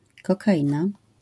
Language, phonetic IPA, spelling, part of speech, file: Polish, [ˌkɔkaˈʲĩna], kokaina, noun, LL-Q809 (pol)-kokaina.wav